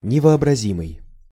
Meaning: unimaginable, inconceivable
- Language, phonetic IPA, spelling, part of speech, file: Russian, [nʲɪvɐɐbrɐˈzʲimɨj], невообразимый, adjective, Ru-невообразимый.ogg